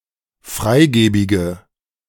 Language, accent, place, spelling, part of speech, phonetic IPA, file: German, Germany, Berlin, freigebige, adjective, [ˈfʁaɪ̯ˌɡeːbɪɡə], De-freigebige.ogg
- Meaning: inflection of freigebig: 1. strong/mixed nominative/accusative feminine singular 2. strong nominative/accusative plural 3. weak nominative all-gender singular